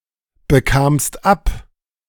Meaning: second-person singular preterite of abbekommen
- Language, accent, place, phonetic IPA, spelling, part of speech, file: German, Germany, Berlin, [bəˌkaːmst ˈap], bekamst ab, verb, De-bekamst ab.ogg